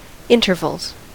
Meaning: plural of interval
- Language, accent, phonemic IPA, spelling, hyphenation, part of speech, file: English, US, /ˈɪntɚvəlz/, intervals, in‧ter‧vals, noun, En-us-intervals.ogg